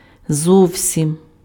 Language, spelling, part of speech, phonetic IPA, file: Ukrainian, зовсім, adverb, [ˈzɔu̯sʲim], Uk-зовсім.ogg
- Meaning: 1. quite, entirely, totally 2. at all